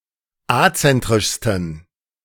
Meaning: 1. superlative degree of azentrisch 2. inflection of azentrisch: strong genitive masculine/neuter singular superlative degree
- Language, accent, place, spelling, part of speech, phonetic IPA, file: German, Germany, Berlin, azentrischsten, adjective, [ˈat͡sɛntʁɪʃstn̩], De-azentrischsten.ogg